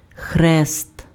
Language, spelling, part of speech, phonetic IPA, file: Ukrainian, хрест, noun, [xrɛst], Uk-хрест.ogg
- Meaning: cross